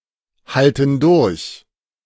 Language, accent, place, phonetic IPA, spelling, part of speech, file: German, Germany, Berlin, [ˌhaltn̩ ˈdʊʁç], halten durch, verb, De-halten durch.ogg
- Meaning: inflection of durchhalten: 1. first/third-person plural present 2. first/third-person plural subjunctive I